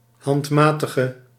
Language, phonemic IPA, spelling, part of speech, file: Dutch, /hɑntˈmatəxə/, handmatige, adjective, Nl-handmatige.ogg
- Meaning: inflection of handmatig: 1. masculine/feminine singular attributive 2. definite neuter singular attributive 3. plural attributive